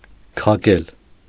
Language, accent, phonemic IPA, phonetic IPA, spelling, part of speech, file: Armenian, Eastern Armenian, /kʰɑˈkel/, [kʰɑkél], քակել, verb, Hy-քակել.ogg
- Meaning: 1. to untie, unbind 2. to dismantle, take apart 3. to demolish, destroy 4. to dig